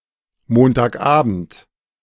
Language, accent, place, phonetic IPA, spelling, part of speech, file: German, Germany, Berlin, [ˌmoːntaːkˈʔaːbn̩t], Montagabend, noun, De-Montagabend.ogg
- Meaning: Monday evening